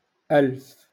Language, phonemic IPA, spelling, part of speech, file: Moroccan Arabic, /ʔalf/, ألف, numeral, LL-Q56426 (ary)-ألف.wav
- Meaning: thousand